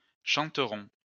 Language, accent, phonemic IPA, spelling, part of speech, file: French, France, /ʃɑ̃.tʁɔ̃/, chanterons, verb, LL-Q150 (fra)-chanterons.wav
- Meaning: first-person plural future of chanter